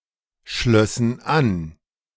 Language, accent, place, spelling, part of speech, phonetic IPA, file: German, Germany, Berlin, schlössen an, verb, [ˌʃlœsn̩ ˈan], De-schlössen an.ogg
- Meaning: first/third-person plural subjunctive II of anschließen